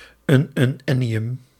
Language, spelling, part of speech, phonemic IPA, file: Dutch, ununennium, noun, /ˌʏnʏnˈɛnijʏm/, Nl-ununennium.ogg
- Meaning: ununennium